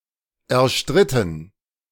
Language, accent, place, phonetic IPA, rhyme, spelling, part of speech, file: German, Germany, Berlin, [ɛɐ̯ˈʃtʁɪtn̩], -ɪtn̩, erstritten, verb, De-erstritten.ogg
- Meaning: past participle of erstreiten